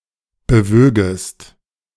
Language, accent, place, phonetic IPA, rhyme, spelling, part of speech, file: German, Germany, Berlin, [bəˈvøːɡəst], -øːɡəst, bewögest, verb, De-bewögest.ogg
- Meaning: second-person singular subjunctive II of bewegen